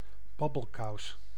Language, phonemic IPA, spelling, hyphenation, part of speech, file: Dutch, /ˈbɑ.bəlˌkɑu̯s/, babbelkous, bab‧bel‧kous, noun, Nl-babbelkous.ogg
- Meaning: chatterbox